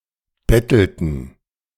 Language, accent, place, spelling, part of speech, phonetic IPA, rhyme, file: German, Germany, Berlin, bettelten, verb, [ˈbɛtl̩tn̩], -ɛtl̩tn̩, De-bettelten.ogg
- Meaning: inflection of betteln: 1. first/third-person plural preterite 2. first/third-person plural subjunctive II